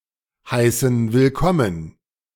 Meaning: inflection of willkommen heißen: 1. first/third-person plural present 2. first/third-person plural subjunctive I
- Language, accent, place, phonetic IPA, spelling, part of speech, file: German, Germany, Berlin, [ˌhaɪ̯sn̩ vɪlˈkɔmən], heißen willkommen, verb, De-heißen willkommen.ogg